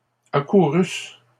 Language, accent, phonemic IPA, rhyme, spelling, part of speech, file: French, Canada, /a.ku.ʁys/, -ys, accourusses, verb, LL-Q150 (fra)-accourusses.wav
- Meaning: second-person singular imperfect subjunctive of accourir